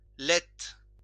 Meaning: milt (fish sperm)
- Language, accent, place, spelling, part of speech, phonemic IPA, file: French, France, Lyon, laite, noun, /lɛt/, LL-Q150 (fra)-laite.wav